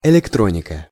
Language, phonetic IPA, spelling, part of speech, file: Russian, [ɪlʲɪkˈtronʲɪkə], электроника, noun, Ru-электроника.ogg
- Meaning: electronics